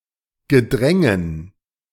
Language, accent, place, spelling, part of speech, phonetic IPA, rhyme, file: German, Germany, Berlin, Gedrängen, noun, [ɡəˈdʁɛŋən], -ɛŋən, De-Gedrängen.ogg
- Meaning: dative plural of Gedränge